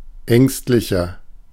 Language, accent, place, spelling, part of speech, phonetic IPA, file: German, Germany, Berlin, ängstlicher, adjective, [ˈɛŋstlɪçɐ], De-ängstlicher.ogg
- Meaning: 1. comparative degree of ängstlich 2. inflection of ängstlich: strong/mixed nominative masculine singular 3. inflection of ängstlich: strong genitive/dative feminine singular